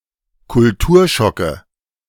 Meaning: nominative/accusative/genitive plural of Kulturschock
- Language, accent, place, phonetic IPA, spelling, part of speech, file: German, Germany, Berlin, [kʊlˈtuːɐ̯ˌʃɔkə], Kulturschocke, noun, De-Kulturschocke.ogg